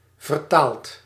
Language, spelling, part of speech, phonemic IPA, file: Dutch, vertaald, verb, /vərˈtalt/, Nl-vertaald.ogg
- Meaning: past participle of vertalen